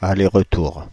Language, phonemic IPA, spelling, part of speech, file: French, /a.le.ʁ(ə).tuʁ/, aller-retour, noun, Fr-aller-retour.ogg
- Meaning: 1. round trip 2. return ticket 3. back and forth